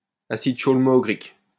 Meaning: chaulmoogric acid
- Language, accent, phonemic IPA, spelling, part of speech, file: French, France, /a.sid ʃol.mu.ɡʁik/, acide chaulmoogrique, noun, LL-Q150 (fra)-acide chaulmoogrique.wav